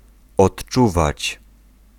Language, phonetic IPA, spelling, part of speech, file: Polish, [ɔṭˈt͡ʃuvat͡ɕ], odczuwać, verb, Pl-odczuwać.ogg